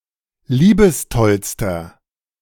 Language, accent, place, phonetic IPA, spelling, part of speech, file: German, Germany, Berlin, [ˈliːbəsˌtɔlstɐ], liebestollster, adjective, De-liebestollster.ogg
- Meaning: inflection of liebestoll: 1. strong/mixed nominative masculine singular superlative degree 2. strong genitive/dative feminine singular superlative degree 3. strong genitive plural superlative degree